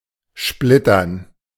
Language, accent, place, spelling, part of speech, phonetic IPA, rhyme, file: German, Germany, Berlin, splittern, verb, [ˈʃplɪtɐn], -ɪtɐn, De-splittern.ogg
- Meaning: to shatter